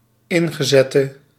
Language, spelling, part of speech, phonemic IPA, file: Dutch, ingezette, verb / adjective, /ˈɪŋɣəˌzɛtə/, Nl-ingezette.ogg
- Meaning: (adjective) inflection of ingezet: 1. masculine/feminine singular attributive 2. definite neuter singular attributive 3. plural attributive